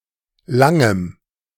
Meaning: strong dative masculine/neuter singular of lang
- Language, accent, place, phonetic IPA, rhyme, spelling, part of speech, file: German, Germany, Berlin, [ˈlaŋəm], -aŋəm, langem, adjective, De-langem.ogg